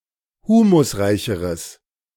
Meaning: strong/mixed nominative/accusative neuter singular comparative degree of humusreich
- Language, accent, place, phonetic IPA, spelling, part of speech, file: German, Germany, Berlin, [ˈhuːmʊsˌʁaɪ̯çəʁəs], humusreicheres, adjective, De-humusreicheres.ogg